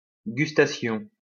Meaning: gustation; tasting
- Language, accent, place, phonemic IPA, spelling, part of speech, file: French, France, Lyon, /ɡys.ta.sjɔ̃/, gustation, noun, LL-Q150 (fra)-gustation.wav